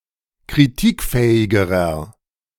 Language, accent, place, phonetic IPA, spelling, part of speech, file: German, Germany, Berlin, [kʁiˈtiːkˌfɛːɪɡəʁɐ], kritikfähigerer, adjective, De-kritikfähigerer.ogg
- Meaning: inflection of kritikfähig: 1. strong/mixed nominative masculine singular comparative degree 2. strong genitive/dative feminine singular comparative degree 3. strong genitive plural comparative degree